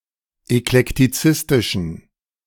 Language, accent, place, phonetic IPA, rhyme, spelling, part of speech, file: German, Germany, Berlin, [ɛklɛktiˈt͡sɪstɪʃn̩], -ɪstɪʃn̩, eklektizistischen, adjective, De-eklektizistischen.ogg
- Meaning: inflection of eklektizistisch: 1. strong genitive masculine/neuter singular 2. weak/mixed genitive/dative all-gender singular 3. strong/weak/mixed accusative masculine singular 4. strong dative plural